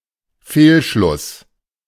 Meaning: fallacy (false argument)
- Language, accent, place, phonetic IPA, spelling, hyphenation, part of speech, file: German, Germany, Berlin, [ˈfeːlʃlʊs], Fehlschluss, Fehl‧schluss, noun, De-Fehlschluss.ogg